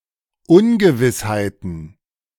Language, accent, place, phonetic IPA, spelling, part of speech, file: German, Germany, Berlin, [ˈʊnɡəˌvɪshaɪ̯tn̩], Ungewissheiten, noun, De-Ungewissheiten.ogg
- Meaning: plural of Ungewissheit